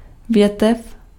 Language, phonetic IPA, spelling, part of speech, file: Czech, [ˈvjɛtɛf], větev, noun, Cs-větev.ogg
- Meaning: branch (of a tree)